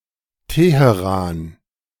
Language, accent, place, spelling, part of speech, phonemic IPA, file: German, Germany, Berlin, Teheran, proper noun, /ˈteːheˌraːn/, De-Teheran.ogg
- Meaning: 1. Tehran (the capital city of Iran) 2. Tehran (a province of Iran)